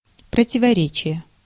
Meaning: contradiction (act of contradicting)
- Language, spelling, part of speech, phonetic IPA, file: Russian, противоречие, noun, [prətʲɪvɐˈrʲet͡ɕɪje], Ru-противоречие.ogg